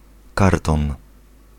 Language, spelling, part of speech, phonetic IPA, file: Polish, karton, noun, [ˈkartɔ̃n], Pl-karton.ogg